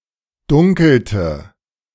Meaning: inflection of dunkeln: 1. first/third-person singular preterite 2. first/third-person singular subjunctive II
- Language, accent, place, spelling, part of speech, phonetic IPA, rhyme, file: German, Germany, Berlin, dunkelte, verb, [ˈdʊŋkl̩tə], -ʊŋkl̩tə, De-dunkelte.ogg